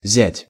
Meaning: 1. son-in-law 2. brother-in-law (the husband of one’s sister or sister-in-law)
- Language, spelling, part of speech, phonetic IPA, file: Russian, зять, noun, [zʲætʲ], Ru-зять.ogg